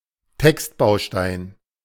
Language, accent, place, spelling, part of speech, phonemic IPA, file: German, Germany, Berlin, Textbaustein, noun, /ˈtɛkstˌbaʊ̯ʃtaɪ̯n/, De-Textbaustein.ogg
- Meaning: boilerplate, text module